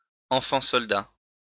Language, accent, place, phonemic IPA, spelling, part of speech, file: French, France, Lyon, /ɑ̃.fɑ̃ sɔl.da/, enfant soldat, noun, LL-Q150 (fra)-enfant soldat.wav
- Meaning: child soldier